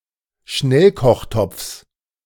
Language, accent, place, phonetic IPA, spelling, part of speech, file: German, Germany, Berlin, [ˈʃnɛlkɔxˌtɔp͡fs], Schnellkochtopfs, noun, De-Schnellkochtopfs.ogg
- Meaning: genitive singular of Schnellkochtopf